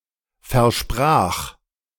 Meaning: first/third-person singular preterite of versprechen
- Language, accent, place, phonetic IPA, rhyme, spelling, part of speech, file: German, Germany, Berlin, [fɛɐ̯ˈʃpʁaːx], -aːx, versprach, verb, De-versprach.ogg